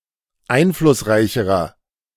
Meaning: inflection of einflussreich: 1. strong/mixed nominative masculine singular comparative degree 2. strong genitive/dative feminine singular comparative degree
- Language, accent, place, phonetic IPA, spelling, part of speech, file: German, Germany, Berlin, [ˈaɪ̯nflʊsˌʁaɪ̯çəʁɐ], einflussreicherer, adjective, De-einflussreicherer.ogg